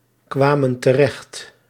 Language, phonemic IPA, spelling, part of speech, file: Dutch, /ˈkwamə(n) təˈrɛxt/, kwamen terecht, verb, Nl-kwamen terecht.ogg
- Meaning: inflection of terechtkomen: 1. plural past indicative 2. plural past subjunctive